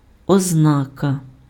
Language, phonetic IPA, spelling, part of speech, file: Ukrainian, [ɔzˈnakɐ], ознака, noun, Uk-ознака.ogg
- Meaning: 1. sign, indication (of an underlying state or fact) 2. characteristic, feature (of a concept or category)